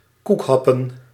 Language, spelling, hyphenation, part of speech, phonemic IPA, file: Dutch, koekhappen, koek‧hap‧pen, noun, /ˈkukˌɦɑpə(n)/, Nl-koekhappen.ogg
- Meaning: bite-the-cake; a game, especially for children, in which piece(s) of cake are hung from a rope, and the children, being blindfolded, attempt to bite the piece(s) of cake